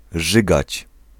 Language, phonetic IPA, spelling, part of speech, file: Polish, [ˈʒɨɡat͡ɕ], rzygać, verb, Pl-rzygać.ogg